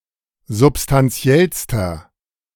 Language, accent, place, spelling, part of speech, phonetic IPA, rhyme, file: German, Germany, Berlin, substanziellster, adjective, [zʊpstanˈt͡si̯ɛlstɐ], -ɛlstɐ, De-substanziellster.ogg
- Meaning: inflection of substanziell: 1. strong/mixed nominative masculine singular superlative degree 2. strong genitive/dative feminine singular superlative degree 3. strong genitive plural superlative degree